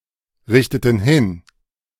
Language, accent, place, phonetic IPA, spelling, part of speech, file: German, Germany, Berlin, [ˌʁɪçtətn̩ ˈhɪn], richteten hin, verb, De-richteten hin.ogg
- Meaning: inflection of hinrichten: 1. first/third-person plural preterite 2. first/third-person plural subjunctive II